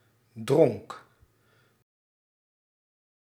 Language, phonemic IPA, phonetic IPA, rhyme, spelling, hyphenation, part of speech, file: Dutch, /drɔŋk/, [drɔŋk], -ɔŋk, dronk, dronk, noun / verb, Nl-dronk.ogg
- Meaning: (noun) drink; draught; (verb) singular past indicative of drinken